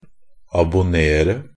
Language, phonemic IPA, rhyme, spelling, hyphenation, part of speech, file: Norwegian Bokmål, /abʊˈneːrə/, -eːrə, abonnere, ab‧on‧ne‧re, verb, NB - Pronunciation of Norwegian Bokmål «abonnere».ogg
- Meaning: 1. to subscribe (order, ensure regular delivery of something for a certain period of time, such as a newspaper, theater or concert tickets, payment services on TV, etc.) 2. to secure, order